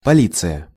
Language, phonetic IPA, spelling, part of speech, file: Russian, [pɐˈlʲit͡sɨjə], полиция, noun, Ru-полиция.ogg
- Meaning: police